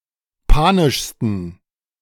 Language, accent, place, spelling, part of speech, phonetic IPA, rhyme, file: German, Germany, Berlin, panischsten, adjective, [ˈpaːnɪʃstn̩], -aːnɪʃstn̩, De-panischsten.ogg
- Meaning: 1. superlative degree of panisch 2. inflection of panisch: strong genitive masculine/neuter singular superlative degree